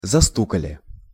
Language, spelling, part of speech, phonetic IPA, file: Russian, застукали, verb, [zɐˈstukəlʲɪ], Ru-застукали.ogg
- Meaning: plural past indicative perfective of засту́кать (zastúkatʹ)